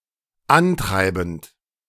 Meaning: present participle of antreiben
- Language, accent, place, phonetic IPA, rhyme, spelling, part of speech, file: German, Germany, Berlin, [ˈanˌtʁaɪ̯bn̩t], -antʁaɪ̯bn̩t, antreibend, verb, De-antreibend.ogg